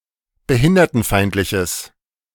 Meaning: strong/mixed nominative/accusative neuter singular of behindertenfeindlich
- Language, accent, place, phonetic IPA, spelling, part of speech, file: German, Germany, Berlin, [bəˈhɪndɐtn̩ˌfaɪ̯ntlɪçəs], behindertenfeindliches, adjective, De-behindertenfeindliches.ogg